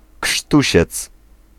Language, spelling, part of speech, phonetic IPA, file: Polish, krztusiec, noun, [ˈkʃtuɕɛt͡s], Pl-krztusiec.ogg